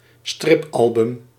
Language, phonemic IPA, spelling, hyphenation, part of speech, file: Dutch, /ˈstrɪpˌɑl.bʏm/, stripalbum, strip‧al‧bum, noun, Nl-stripalbum.ogg
- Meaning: comic book